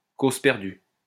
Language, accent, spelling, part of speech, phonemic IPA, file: French, France, cause perdue, noun, /koz pɛʁ.dy/, LL-Q150 (fra)-cause perdue.wav
- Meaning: lost cause, sinking ship